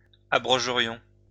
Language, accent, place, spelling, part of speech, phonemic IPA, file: French, France, Lyon, abrogerions, verb, /a.bʁɔ.ʒə.ʁjɔ̃/, LL-Q150 (fra)-abrogerions.wav
- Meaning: first-person plural conditional of abroger